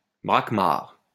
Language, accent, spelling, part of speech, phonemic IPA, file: French, France, braquemard, noun, /bʁak.maʁ/, LL-Q150 (fra)-braquemard.wav
- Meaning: braquemard